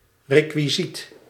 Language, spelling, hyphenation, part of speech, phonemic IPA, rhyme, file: Dutch, rekwisiet, re‧kwi‧siet, noun, /ˌreː.kʋiˈzit/, -it, Nl-rekwisiet.ogg
- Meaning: 1. a prop, a property 2. something that is requisite